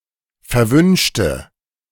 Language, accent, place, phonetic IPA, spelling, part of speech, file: German, Germany, Berlin, [fɛɐ̯ˈvʏnʃtə], verwünschte, adjective / verb, De-verwünschte.ogg
- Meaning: inflection of verwünschen: 1. first/third-person singular preterite 2. first/third-person singular subjunctive II